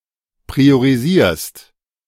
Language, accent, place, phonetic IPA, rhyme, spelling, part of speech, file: German, Germany, Berlin, [pʁioʁiˈziːɐ̯st], -iːɐ̯st, priorisierst, verb, De-priorisierst.ogg
- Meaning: second-person singular present of priorisieren